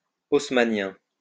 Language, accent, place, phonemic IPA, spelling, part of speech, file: French, France, Lyon, /os.ma.njɛ̃/, haussmannien, adjective, LL-Q150 (fra)-haussmannien.wav
- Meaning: Haussmannian